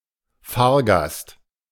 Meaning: passenger (in road- or rail-based public transport)
- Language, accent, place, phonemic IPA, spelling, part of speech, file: German, Germany, Berlin, /ˈfaːɐ̯ˌɡast/, Fahrgast, noun, De-Fahrgast.ogg